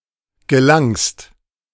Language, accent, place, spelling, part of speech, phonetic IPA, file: German, Germany, Berlin, gelangst, verb, [ɡəˈlaŋst], De-gelangst.ogg
- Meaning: 1. second-person singular present of gelangen 2. second-person singular preterite of gelingen